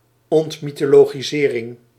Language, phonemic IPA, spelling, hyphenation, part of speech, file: Dutch, /ˌɔnt.mi.toː.loːɣiˈzeː.rɪŋ/, ontmythologisering, ont‧my‧tho‧lo‧gi‧se‧ring, noun, Nl-ontmythologisering.ogg
- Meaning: demythologisation